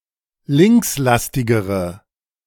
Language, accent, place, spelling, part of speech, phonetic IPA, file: German, Germany, Berlin, linkslastigere, adjective, [ˈlɪŋksˌlastɪɡəʁə], De-linkslastigere.ogg
- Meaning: inflection of linkslastig: 1. strong/mixed nominative/accusative feminine singular comparative degree 2. strong nominative/accusative plural comparative degree